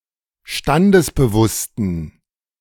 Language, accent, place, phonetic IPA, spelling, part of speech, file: German, Germany, Berlin, [ˈʃtandəsbəˌvʊstn̩], standesbewussten, adjective, De-standesbewussten.ogg
- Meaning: inflection of standesbewusst: 1. strong genitive masculine/neuter singular 2. weak/mixed genitive/dative all-gender singular 3. strong/weak/mixed accusative masculine singular 4. strong dative plural